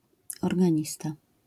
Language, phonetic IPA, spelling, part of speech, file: Polish, [ˌɔrɡãˈɲista], organista, noun, LL-Q809 (pol)-organista.wav